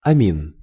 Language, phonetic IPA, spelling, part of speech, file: Russian, [ɐˈmʲin], амин, noun, Ru-амин.ogg
- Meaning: amine